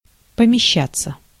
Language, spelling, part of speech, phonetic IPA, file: Russian, помещаться, verb, [pəmʲɪˈɕːat͡sːə], Ru-помещаться.ogg
- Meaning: 1. to be (in a location), to be located (no perfective) 2. to fit 3. passive of помеща́ть (pomeščátʹ): to be housed, to be published